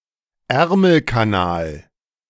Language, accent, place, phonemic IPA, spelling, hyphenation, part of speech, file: German, Germany, Berlin, /ˈɛʁml̩kaˌnaːl/, Ärmelkanal, Är‧mel‧ka‧nal, proper noun, De-Ärmelkanal.ogg
- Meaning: the English Channel